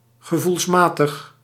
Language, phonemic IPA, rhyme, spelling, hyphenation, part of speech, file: Dutch, /ɣəˌvulsˈmaː.təx/, -aːtəx, gevoelsmatig, ge‧voels‧ma‧tig, adjective, Nl-gevoelsmatig.ogg
- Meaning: based on feeling, sensitivity or intuition; emotional, sensitive, intuitive, instinctive